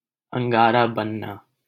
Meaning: 1. for one's face to redden from anger 2. to become upset, angry
- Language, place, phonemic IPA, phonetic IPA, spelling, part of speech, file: Hindi, Delhi, /əŋ.ɡɑː.ɾɑː bən.nɑː/, [ɐ̃ŋ.ɡäː.ɾäː‿bɐ̃n.näː], अंगारा बनना, verb, LL-Q1568 (hin)-अंगारा बनना.wav